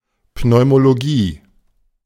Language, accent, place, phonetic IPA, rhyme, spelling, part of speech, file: German, Germany, Berlin, [pnɔɪ̯moloˈɡiː], -iː, Pneumologie, noun, De-Pneumologie.ogg
- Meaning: pneumology, pulmonology